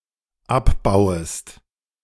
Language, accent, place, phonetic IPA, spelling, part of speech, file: German, Germany, Berlin, [ˈapˌbaʊ̯əst], abbauest, verb, De-abbauest.ogg
- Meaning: second-person singular dependent subjunctive I of abbauen